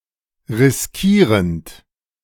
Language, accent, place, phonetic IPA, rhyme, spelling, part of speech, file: German, Germany, Berlin, [ʁɪsˈkiːʁənt], -iːʁənt, riskierend, verb, De-riskierend.ogg
- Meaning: present participle of riskieren